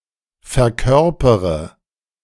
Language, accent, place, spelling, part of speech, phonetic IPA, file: German, Germany, Berlin, verkörpere, verb, [fɛɐ̯ˈkœʁpəʁə], De-verkörpere.ogg
- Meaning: inflection of verkörpern: 1. first-person singular present 2. first/third-person singular subjunctive I 3. singular imperative